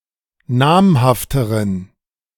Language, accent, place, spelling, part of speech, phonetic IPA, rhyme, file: German, Germany, Berlin, namhafteren, adjective, [ˈnaːmhaftəʁən], -aːmhaftəʁən, De-namhafteren.ogg
- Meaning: inflection of namhaft: 1. strong genitive masculine/neuter singular comparative degree 2. weak/mixed genitive/dative all-gender singular comparative degree